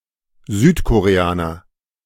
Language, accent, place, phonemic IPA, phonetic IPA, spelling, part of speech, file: German, Germany, Berlin, /zyːtkoʁeˈaːnɐ/, [zyːtʰkʰoʁeˈaːnɐ], Südkoreaner, noun, De-Südkoreaner.ogg
- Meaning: South Korean (person)